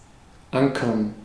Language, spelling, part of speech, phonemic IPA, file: German, ankern, verb, /ˈʔaŋkɐn/, De-ankern.ogg
- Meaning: to anchor